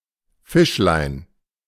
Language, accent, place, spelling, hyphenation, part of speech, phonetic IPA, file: German, Germany, Berlin, Fischlein, Fisch‧lein, noun, [ˈfɪʃlaɪ̯n], De-Fischlein.ogg
- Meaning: diminutive of Fisch